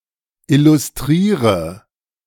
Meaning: inflection of illustrieren: 1. first-person singular present 2. singular imperative 3. first/third-person singular subjunctive I
- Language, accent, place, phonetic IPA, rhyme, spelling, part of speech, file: German, Germany, Berlin, [ˌɪlʊsˈtʁiːʁə], -iːʁə, illustriere, verb, De-illustriere.ogg